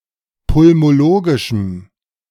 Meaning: strong dative masculine/neuter singular of pulmologisch
- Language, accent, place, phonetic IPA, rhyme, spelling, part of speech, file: German, Germany, Berlin, [pʊlmoˈloːɡɪʃm̩], -oːɡɪʃm̩, pulmologischem, adjective, De-pulmologischem.ogg